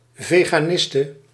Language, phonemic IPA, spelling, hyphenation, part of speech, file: Dutch, /ˌveː.ɣaːˈnɪs.tə/, veganiste, ve‧ga‧nis‧te, noun, Nl-veganiste.ogg
- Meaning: a female vegan